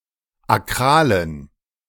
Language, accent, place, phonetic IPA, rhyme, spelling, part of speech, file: German, Germany, Berlin, [aˈkʁaːlən], -aːlən, akralen, adjective, De-akralen.ogg
- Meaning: inflection of akral: 1. strong genitive masculine/neuter singular 2. weak/mixed genitive/dative all-gender singular 3. strong/weak/mixed accusative masculine singular 4. strong dative plural